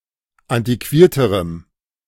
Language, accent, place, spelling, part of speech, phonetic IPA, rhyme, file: German, Germany, Berlin, antiquierterem, adjective, [ˌantiˈkviːɐ̯təʁəm], -iːɐ̯təʁəm, De-antiquierterem.ogg
- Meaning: strong dative masculine/neuter singular comparative degree of antiquiert